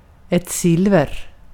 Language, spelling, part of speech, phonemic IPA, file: Swedish, silver, noun, /ˈsɪlvɛr/, Sv-silver.ogg
- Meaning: 1. silver 2. silver, coins of silver 3. silver, cutlery of silver 4. a silver medal, for 2nd place in a competition